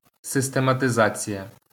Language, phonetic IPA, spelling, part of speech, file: Ukrainian, [sestemɐteˈzat͡sʲijɐ], систематизація, noun, LL-Q8798 (ukr)-систематизація.wav
- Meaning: systematization